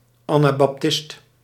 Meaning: Anabaptist
- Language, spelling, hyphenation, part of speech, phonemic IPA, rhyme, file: Dutch, anabaptist, ana‧bap‧tist, noun, /ˌaː.naː.bɑpˈtɪst/, -ɪst, Nl-anabaptist.ogg